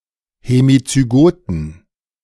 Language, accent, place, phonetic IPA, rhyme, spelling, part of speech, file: German, Germany, Berlin, [hemit͡syˈɡoːtn̩], -oːtn̩, hemizygoten, adjective, De-hemizygoten.ogg
- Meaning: inflection of hemizygot: 1. strong genitive masculine/neuter singular 2. weak/mixed genitive/dative all-gender singular 3. strong/weak/mixed accusative masculine singular 4. strong dative plural